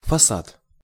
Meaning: facade, frontage, front (also figuratively)
- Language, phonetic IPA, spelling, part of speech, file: Russian, [fɐˈsat], фасад, noun, Ru-фасад.ogg